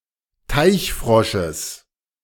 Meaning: genitive of Teichfrosch
- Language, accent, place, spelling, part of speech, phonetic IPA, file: German, Germany, Berlin, Teichfrosches, noun, [ˈtaɪ̯çˌfʁɔʃəs], De-Teichfrosches.ogg